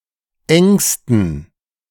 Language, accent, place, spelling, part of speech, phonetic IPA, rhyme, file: German, Germany, Berlin, engsten, adjective, [ˈɛŋstn̩], -ɛŋstn̩, De-engsten.ogg
- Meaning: 1. superlative degree of eng 2. inflection of eng: strong genitive masculine/neuter singular superlative degree 3. inflection of eng: weak/mixed genitive/dative all-gender singular superlative degree